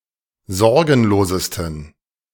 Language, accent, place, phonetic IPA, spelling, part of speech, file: German, Germany, Berlin, [ˈzɔʁɡn̩loːzəstn̩], sorgenlosesten, adjective, De-sorgenlosesten.ogg
- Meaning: 1. superlative degree of sorgenlos 2. inflection of sorgenlos: strong genitive masculine/neuter singular superlative degree